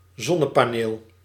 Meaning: solar panel (photovoltaic panel)
- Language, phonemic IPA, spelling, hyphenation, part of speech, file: Dutch, /ˈzɔ.nə.paːˌneːl/, zonnepaneel, zon‧ne‧pa‧neel, noun, Nl-zonnepaneel.ogg